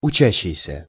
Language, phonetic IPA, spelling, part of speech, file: Russian, [ʊˈt͡ɕæɕːɪjsʲə], учащийся, verb / noun, Ru-учащийся.ogg
- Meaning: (verb) present active imperfective participle of учи́ться (učítʹsja); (noun) schoolboy, pupil, student